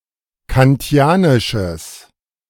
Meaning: strong/mixed nominative/accusative neuter singular of kantianisch
- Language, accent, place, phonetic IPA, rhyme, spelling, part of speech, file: German, Germany, Berlin, [kanˈti̯aːnɪʃəs], -aːnɪʃəs, kantianisches, adjective, De-kantianisches.ogg